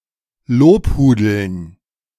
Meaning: to flatter excessively, to adulate
- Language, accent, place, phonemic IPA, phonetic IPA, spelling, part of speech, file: German, Germany, Berlin, /ˈloːpˌhuːdəln/, [ˈloːpˌhuː.dl̩n], lobhudeln, verb, De-lobhudeln.ogg